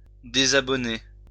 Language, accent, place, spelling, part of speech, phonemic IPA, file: French, France, Lyon, désabonner, verb, /de.za.bɔ.ne/, LL-Q150 (fra)-désabonner.wav
- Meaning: to unsubscribe